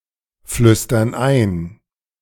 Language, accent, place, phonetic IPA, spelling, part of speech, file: German, Germany, Berlin, [ˌflʏstɐn ˈaɪ̯n], flüstern ein, verb, De-flüstern ein.ogg
- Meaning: inflection of einflüstern: 1. first/third-person plural present 2. first/third-person plural subjunctive I